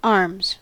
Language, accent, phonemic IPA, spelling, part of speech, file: English, US, /ɑɹmz/, arms, noun / verb, En-us-arms.ogg
- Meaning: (noun) 1. Weaponry, weapons 2. A visual design composed according to heraldic rules, normally displayed upon an escutcheon and sometimes accompanied by other elements of an achievement